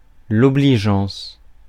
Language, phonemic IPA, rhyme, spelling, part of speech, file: French, /ɔ.bli.ʒɑ̃s/, -ɑ̃s, obligeance, noun, Fr-obligeance.ogg
- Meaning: obligingness